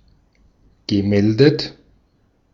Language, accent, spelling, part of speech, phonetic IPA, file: German, Austria, gemeldet, verb, [ɡəˈmɛldət], De-at-gemeldet.ogg
- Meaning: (verb) past participle of melden; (adjective) registered